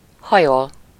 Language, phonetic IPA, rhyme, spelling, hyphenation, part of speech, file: Hungarian, [ˈhɒjol], -ol, hajol, ha‧jol, verb, Hu-hajol.ogg
- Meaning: to bend, lean (usually of a person, out of his or her own will)